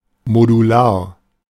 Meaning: modular
- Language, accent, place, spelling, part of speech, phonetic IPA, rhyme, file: German, Germany, Berlin, modular, adjective, [moduˈlaːɐ̯], -aːɐ̯, De-modular.ogg